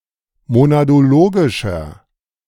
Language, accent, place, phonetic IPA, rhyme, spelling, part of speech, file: German, Germany, Berlin, [monadoˈloːɡɪʃɐ], -oːɡɪʃɐ, monadologischer, adjective, De-monadologischer.ogg
- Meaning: inflection of monadologisch: 1. strong/mixed nominative masculine singular 2. strong genitive/dative feminine singular 3. strong genitive plural